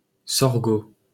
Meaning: sorghum
- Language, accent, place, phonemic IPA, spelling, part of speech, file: French, France, Paris, /sɔʁ.ɡo/, sorgho, noun, LL-Q150 (fra)-sorgho.wav